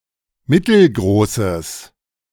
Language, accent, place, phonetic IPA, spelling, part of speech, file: German, Germany, Berlin, [ˈmɪtl̩ˌɡʁoːsəs], mittelgroßes, adjective, De-mittelgroßes.ogg
- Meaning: strong/mixed nominative/accusative neuter singular of mittelgroß